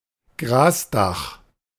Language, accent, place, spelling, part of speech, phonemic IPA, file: German, Germany, Berlin, Grasdach, noun, /ˈɡʁaːsˌdaχ/, De-Grasdach.ogg
- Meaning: grass roof, sod roof, turf roof